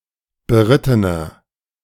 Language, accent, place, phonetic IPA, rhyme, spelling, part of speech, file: German, Germany, Berlin, [bəˈʁɪtənɐ], -ɪtənɐ, berittener, adjective, De-berittener.ogg
- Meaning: inflection of beritten: 1. strong/mixed nominative masculine singular 2. strong genitive/dative feminine singular 3. strong genitive plural